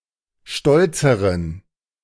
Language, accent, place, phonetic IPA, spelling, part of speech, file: German, Germany, Berlin, [ˈʃtɔlt͡səʁən], stolzeren, adjective, De-stolzeren.ogg
- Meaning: inflection of stolz: 1. strong genitive masculine/neuter singular comparative degree 2. weak/mixed genitive/dative all-gender singular comparative degree